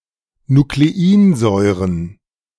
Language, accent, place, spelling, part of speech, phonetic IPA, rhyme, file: German, Germany, Berlin, Nucleinsäuren, noun, [nukleˈiːnˌzɔɪ̯ʁən], -iːnzɔɪ̯ʁən, De-Nucleinsäuren.ogg
- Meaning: plural of Nucleinsäure